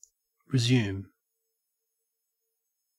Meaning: 1. To take back possession of (something) 2. To summarise 3. To start (something) again that has been stopped or paused from the point at which it was stopped or paused; continue, carry on
- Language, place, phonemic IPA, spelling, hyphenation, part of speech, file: English, Queensland, /ɹɪˈzjʉːm/, resume, re‧sume, verb, En-au-resume.ogg